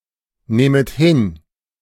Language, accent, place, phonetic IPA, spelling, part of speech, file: German, Germany, Berlin, [ˌnɛːmət ˈhɪn], nähmet hin, verb, De-nähmet hin.ogg
- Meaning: second-person plural subjunctive II of hinnehmen